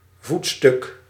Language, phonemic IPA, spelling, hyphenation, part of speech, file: Dutch, /ˈvut.stʏk/, voetstuk, voet‧stuk, noun, Nl-voetstuk.ogg
- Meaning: 1. pedestal 2. leg of a piece of furniture